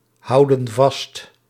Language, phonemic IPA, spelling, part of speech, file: Dutch, /ˈhɑudə(n) ˈvɑst/, houden vast, verb, Nl-houden vast.ogg
- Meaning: inflection of vasthouden: 1. plural present indicative 2. plural present subjunctive